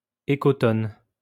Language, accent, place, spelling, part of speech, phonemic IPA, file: French, France, Lyon, écotone, noun, /e.kɔ.tɔn/, LL-Q150 (fra)-écotone.wav
- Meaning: ecotone (a region of transition)